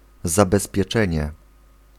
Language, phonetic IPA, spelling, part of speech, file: Polish, [ˌzabɛspʲjɛˈt͡ʃɛ̃ɲɛ], zabezpieczenie, noun, Pl-zabezpieczenie.ogg